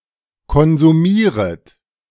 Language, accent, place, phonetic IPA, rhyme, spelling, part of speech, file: German, Germany, Berlin, [kɔnzuˈmiːʁət], -iːʁət, konsumieret, verb, De-konsumieret.ogg
- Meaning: second-person plural subjunctive I of konsumieren